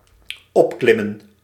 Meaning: 1. to climb up 2. to become greater, to become larger
- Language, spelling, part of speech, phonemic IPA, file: Dutch, opklimmen, verb, /ˈɔpklɪmə(n)/, Nl-opklimmen.ogg